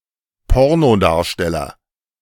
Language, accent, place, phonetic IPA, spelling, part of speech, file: German, Germany, Berlin, [ˈpɔʁnoˌdaːɐ̯ʃtɛlɐ], Pornodarsteller, noun, De-Pornodarsteller.ogg
- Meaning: pornstar